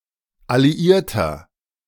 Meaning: inflection of alliiert: 1. strong/mixed nominative masculine singular 2. strong genitive/dative feminine singular 3. strong genitive plural
- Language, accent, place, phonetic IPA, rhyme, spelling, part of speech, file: German, Germany, Berlin, [aliˈiːɐ̯tɐ], -iːɐ̯tɐ, alliierter, adjective, De-alliierter.ogg